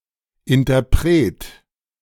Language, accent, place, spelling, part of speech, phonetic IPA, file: German, Germany, Berlin, Interpret, noun, [ʔɪntɐˈpʁeːt], De-Interpret.ogg
- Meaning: performer